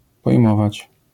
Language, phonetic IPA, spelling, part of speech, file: Polish, [pɔjˈmɔvat͡ɕ], pojmować, verb, LL-Q809 (pol)-pojmować.wav